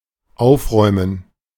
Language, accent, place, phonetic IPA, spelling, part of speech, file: German, Germany, Berlin, [ˈaʊ̯fˌʁɔɪ̯mən], Aufräumen, noun, De-Aufräumen.ogg
- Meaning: gerund of aufräumen: the act of tidying up